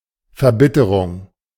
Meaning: 1. exasperation (the act of turning bitter) 2. bitterness, embitterment, acrimony, resentment, exasperation (the state of being embittered)
- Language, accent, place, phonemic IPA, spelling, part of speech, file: German, Germany, Berlin, /fɛɐ̯ˈbɪ.təʁʊŋ/, Verbitterung, noun, De-Verbitterung.ogg